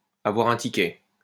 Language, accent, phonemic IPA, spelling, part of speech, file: French, France, /a.vwaʁ œ̃ ti.kɛ/, avoir un ticket, verb, LL-Q150 (fra)-avoir un ticket.wav
- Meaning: to have something going with, to make an impression on, to be sexually attractive to, to be fancied by